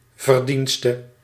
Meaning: merit
- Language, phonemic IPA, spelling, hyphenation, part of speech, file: Dutch, /vərˈdin.stə/, verdienste, ver‧dien‧ste, noun, Nl-verdienste.ogg